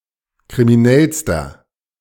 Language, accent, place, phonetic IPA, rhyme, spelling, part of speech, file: German, Germany, Berlin, [kʁimiˈnɛlstɐ], -ɛlstɐ, kriminellster, adjective, De-kriminellster.ogg
- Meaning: inflection of kriminell: 1. strong/mixed nominative masculine singular superlative degree 2. strong genitive/dative feminine singular superlative degree 3. strong genitive plural superlative degree